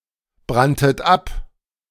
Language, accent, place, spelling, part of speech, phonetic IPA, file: German, Germany, Berlin, branntet ab, verb, [ˌbʁantət ˈap], De-branntet ab.ogg
- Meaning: second-person plural preterite of abbrennen